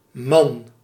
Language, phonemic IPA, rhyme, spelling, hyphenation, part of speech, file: Dutch, /mɑn/, -ɑn, man, man, noun / interjection, Nl-man.ogg
- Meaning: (noun) 1. man, human male, either adult or age-irrespective 2. husband, male spouse; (interjection) indicates that something is larger/stronger/etc. than usual